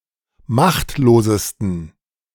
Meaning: 1. superlative degree of machtlos 2. inflection of machtlos: strong genitive masculine/neuter singular superlative degree
- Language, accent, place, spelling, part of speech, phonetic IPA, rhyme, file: German, Germany, Berlin, machtlosesten, adjective, [ˈmaxtloːzəstn̩], -axtloːzəstn̩, De-machtlosesten.ogg